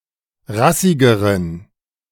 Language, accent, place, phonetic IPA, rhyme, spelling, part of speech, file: German, Germany, Berlin, [ˈʁasɪɡəʁən], -asɪɡəʁən, rassigeren, adjective, De-rassigeren.ogg
- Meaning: inflection of rassig: 1. strong genitive masculine/neuter singular comparative degree 2. weak/mixed genitive/dative all-gender singular comparative degree